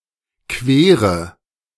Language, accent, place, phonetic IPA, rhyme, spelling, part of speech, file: German, Germany, Berlin, [ˈkveːʁə], -eːʁə, quere, verb, De-quere.ogg
- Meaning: inflection of queren: 1. first-person singular present 2. first/third-person singular subjunctive I 3. singular imperative